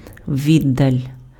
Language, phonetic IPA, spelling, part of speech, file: Ukrainian, [ˈʋʲidːɐlʲ], віддаль, noun, Uk-віддаль.ogg
- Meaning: distance